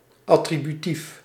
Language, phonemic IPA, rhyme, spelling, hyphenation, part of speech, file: Dutch, /ɑ.trɪ.byˈtif/, -if, attributief, at‧tri‧bu‧tief, adjective, Nl-attributief.ogg
- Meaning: attributive (word modifying a noun)